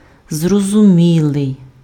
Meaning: intelligible, comprehensible, apprehensible, understandable, perspicuous
- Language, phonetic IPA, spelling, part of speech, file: Ukrainian, [zrɔzʊˈmʲiɫei̯], зрозумілий, adjective, Uk-зрозумілий.ogg